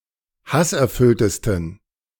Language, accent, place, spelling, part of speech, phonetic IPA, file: German, Germany, Berlin, hasserfülltesten, adjective, [ˈhasʔɛɐ̯ˌfʏltəstn̩], De-hasserfülltesten.ogg
- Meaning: 1. superlative degree of hasserfüllt 2. inflection of hasserfüllt: strong genitive masculine/neuter singular superlative degree